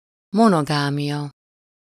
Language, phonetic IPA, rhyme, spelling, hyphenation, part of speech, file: Hungarian, [ˈmonoɡaːmijɒ], -jɒ, monogámia, mo‧no‧gá‧mia, noun, Hu-monogámia.ogg
- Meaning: monogamy